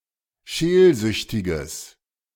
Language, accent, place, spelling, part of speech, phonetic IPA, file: German, Germany, Berlin, scheelsüchtiges, adjective, [ˈʃeːlˌzʏçtɪɡəs], De-scheelsüchtiges.ogg
- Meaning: strong/mixed nominative/accusative neuter singular of scheelsüchtig